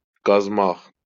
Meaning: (verb) to dig; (noun) crust
- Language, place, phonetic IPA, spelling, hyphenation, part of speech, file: Azerbaijani, Baku, [ɡɑzˈmɑχ], qazmaq, qaz‧maq, verb / noun, LL-Q9292 (aze)-qazmaq.wav